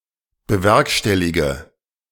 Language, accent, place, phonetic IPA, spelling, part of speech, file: German, Germany, Berlin, [bəˈvɛʁkʃtɛliɡə], bewerkstellige, verb, De-bewerkstellige.ogg
- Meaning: inflection of bewerkstelligen: 1. first-person singular present 2. first/third-person singular subjunctive I 3. singular imperative